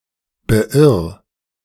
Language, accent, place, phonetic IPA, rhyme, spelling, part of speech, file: German, Germany, Berlin, [bəˈʔɪʁ], -ɪʁ, beirr, verb, De-beirr.ogg
- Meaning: 1. singular imperative of beirren 2. first-person singular present of beirren